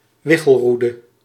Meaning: a divining rod, a dowsing rod
- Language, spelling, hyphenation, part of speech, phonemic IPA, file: Dutch, wichelroede, wi‧chel‧roe‧de, noun, /ˈʋɪ.xəlˌru.də/, Nl-wichelroede.ogg